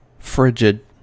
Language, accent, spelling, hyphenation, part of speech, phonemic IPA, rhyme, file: English, US, frigid, frig‧id, adjective, /ˈfɹɪd͡ʒɪd/, -ɪdʒɪd, En-us-frigid.ogg
- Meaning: 1. Very cold; lacking warmth; icy 2. Chilly in manner; lacking affection or zeal; impassive 3. Sexually unresponsive, especially of a woman